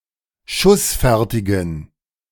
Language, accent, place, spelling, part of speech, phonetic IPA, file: German, Germany, Berlin, schussfertigen, adjective, [ˈʃʊsˌfɛʁtɪɡn̩], De-schussfertigen.ogg
- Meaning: inflection of schussfertig: 1. strong genitive masculine/neuter singular 2. weak/mixed genitive/dative all-gender singular 3. strong/weak/mixed accusative masculine singular 4. strong dative plural